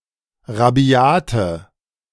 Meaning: inflection of rabiat: 1. strong/mixed nominative/accusative feminine singular 2. strong nominative/accusative plural 3. weak nominative all-gender singular 4. weak accusative feminine/neuter singular
- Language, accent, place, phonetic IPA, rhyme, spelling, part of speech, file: German, Germany, Berlin, [ʁaˈbi̯aːtə], -aːtə, rabiate, adjective, De-rabiate.ogg